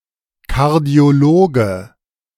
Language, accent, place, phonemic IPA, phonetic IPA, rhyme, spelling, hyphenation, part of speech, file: German, Germany, Berlin, /ˌkaʁdi̯oˈloːɡə/, [ˌkʰaɐ̯di̯oˈloːɡə], -oːɡə, Kardiologe, Kar‧dio‧lo‧ge, noun, De-Kardiologe.ogg
- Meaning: cardiologist (male or of unspecified gender)